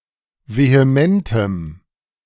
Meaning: strong dative masculine/neuter singular of vehement
- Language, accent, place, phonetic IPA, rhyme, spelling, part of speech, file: German, Germany, Berlin, [veheˈmɛntəm], -ɛntəm, vehementem, adjective, De-vehementem.ogg